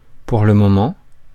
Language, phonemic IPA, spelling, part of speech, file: French, /puʁ lə mɔ.mɑ̃/, pour le moment, adverb, Fr-pour le moment.ogg
- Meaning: for the time being, for now